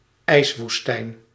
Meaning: ice desert (region with a surface of ice and little precipitation, like a polar desert)
- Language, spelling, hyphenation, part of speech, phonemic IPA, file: Dutch, ijswoestijn, ijs‧woes‧tijn, noun, /ˈɛi̯s.ʋusˌtɛi̯n/, Nl-ijswoestijn.ogg